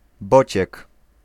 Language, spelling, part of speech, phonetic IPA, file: Polish, bociek, noun, [ˈbɔt͡ɕɛk], Pl-bociek.ogg